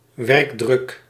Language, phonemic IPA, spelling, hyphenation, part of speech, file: Dutch, /ˈʋɛrk.drʏk/, werkdruk, werk‧druk, noun, Nl-werkdruk.ogg
- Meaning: workload